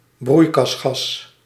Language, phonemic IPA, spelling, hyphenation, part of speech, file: Dutch, /ˈbrui̯.kɑsˌxɑs/, broeikasgas, broei‧kas‧gas, noun, Nl-broeikasgas.ogg
- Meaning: greenhouse gas